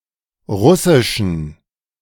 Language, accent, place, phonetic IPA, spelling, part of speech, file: German, Germany, Berlin, [ˈʁʊsɪʃn̩], Russischen, noun, De-Russischen.ogg
- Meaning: genitive singular of Russisch